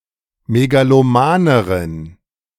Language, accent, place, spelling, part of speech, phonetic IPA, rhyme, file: German, Germany, Berlin, megalomaneren, adjective, [meɡaloˈmaːnəʁən], -aːnəʁən, De-megalomaneren.ogg
- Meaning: inflection of megaloman: 1. strong genitive masculine/neuter singular comparative degree 2. weak/mixed genitive/dative all-gender singular comparative degree